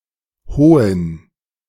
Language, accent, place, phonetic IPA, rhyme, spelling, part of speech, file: German, Germany, Berlin, [ˈhoːən], -oːən, hohen, adjective, De-hohen.ogg
- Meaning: inflection of hoch: 1. strong genitive masculine/neuter singular 2. weak/mixed genitive/dative all-gender singular 3. strong/weak/mixed accusative masculine singular 4. strong dative plural